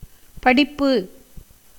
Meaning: 1. study, schooling 2. reading, recitation 3. chanting, singing 4. education
- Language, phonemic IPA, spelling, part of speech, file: Tamil, /pɐɖɪpːɯ/, படிப்பு, noun, Ta-படிப்பு.ogg